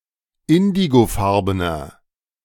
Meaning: inflection of indigofarben: 1. strong/mixed nominative masculine singular 2. strong genitive/dative feminine singular 3. strong genitive plural
- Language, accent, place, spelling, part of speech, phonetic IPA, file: German, Germany, Berlin, indigofarbener, adjective, [ˈɪndiɡoˌfaʁbənɐ], De-indigofarbener.ogg